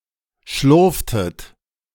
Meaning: inflection of schlurfen: 1. second-person plural preterite 2. second-person plural subjunctive II
- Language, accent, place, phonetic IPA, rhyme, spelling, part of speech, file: German, Germany, Berlin, [ˈʃlʊʁftət], -ʊʁftət, schlurftet, verb, De-schlurftet.ogg